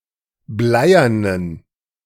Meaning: inflection of bleiern: 1. strong genitive masculine/neuter singular 2. weak/mixed genitive/dative all-gender singular 3. strong/weak/mixed accusative masculine singular 4. strong dative plural
- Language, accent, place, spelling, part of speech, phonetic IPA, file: German, Germany, Berlin, bleiernen, adjective, [ˈblaɪ̯ɐnən], De-bleiernen.ogg